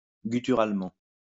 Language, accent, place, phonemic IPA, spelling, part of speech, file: French, France, Lyon, /ɡy.ty.ʁal.mɑ̃/, gutturalement, adverb, LL-Q150 (fra)-gutturalement.wav
- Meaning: gutturally